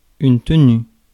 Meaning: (noun) 1. maintenance, upkeep 2. running (of a shop) 3. holding, sustaining (of a note) 4. manners, (good) behaviour (UK) / behavior (US) 5. quality, standard 6. posture 7. performance
- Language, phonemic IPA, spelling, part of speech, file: French, /tə.ny/, tenue, noun / verb, Fr-tenue.ogg